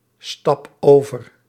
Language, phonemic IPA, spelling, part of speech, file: Dutch, /ˈstɑp ˈovər/, stap over, verb, Nl-stap over.ogg
- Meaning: inflection of overstappen: 1. first-person singular present indicative 2. second-person singular present indicative 3. imperative